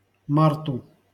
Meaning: dative singular of март (mart)
- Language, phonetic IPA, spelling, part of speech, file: Russian, [ˈmartʊ], марту, noun, LL-Q7737 (rus)-марту.wav